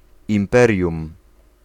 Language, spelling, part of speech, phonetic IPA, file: Polish, imperium, noun, [ĩmˈpɛrʲjũm], Pl-imperium.ogg